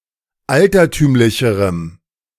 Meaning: strong dative masculine/neuter singular comparative degree of altertümlich
- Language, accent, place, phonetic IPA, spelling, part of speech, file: German, Germany, Berlin, [ˈaltɐˌtyːmlɪçəʁəm], altertümlicherem, adjective, De-altertümlicherem.ogg